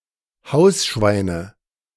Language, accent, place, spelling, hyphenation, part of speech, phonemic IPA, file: German, Germany, Berlin, Hausschweine, Haus‧schwei‧ne, noun, /ˈhaʊ̯sˌʃvaɪ̯nə/, De-Hausschweine.ogg
- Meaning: nominative/accusative/genitive plural of Hausschwein